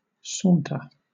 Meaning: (verb) To stroll, or walk at a leisurely pace; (noun) 1. A leisurely walk or stroll 2. A leisurely, easy pace 3. A place for sauntering or strolling
- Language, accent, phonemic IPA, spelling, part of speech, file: English, Southern England, /ˈsɔːntə/, saunter, verb / noun, LL-Q1860 (eng)-saunter.wav